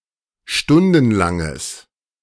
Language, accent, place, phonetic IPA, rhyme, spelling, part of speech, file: German, Germany, Berlin, [ˈʃtʊndn̩laŋəs], -ʊndn̩laŋəs, stundenlanges, adjective, De-stundenlanges.ogg
- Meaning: strong/mixed nominative/accusative neuter singular of stundenlang